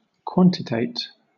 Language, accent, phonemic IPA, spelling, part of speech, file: English, Southern England, /ˈkwɒn.tɪ.teɪt/, quantitate, verb, LL-Q1860 (eng)-quantitate.wav
- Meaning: To measure the quantity of, especially with high accuracy and taking uncertainty into account, as in quantitative analysis